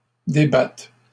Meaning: third-person plural present indicative/subjunctive of débattre
- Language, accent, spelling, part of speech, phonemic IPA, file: French, Canada, débattent, verb, /de.bat/, LL-Q150 (fra)-débattent.wav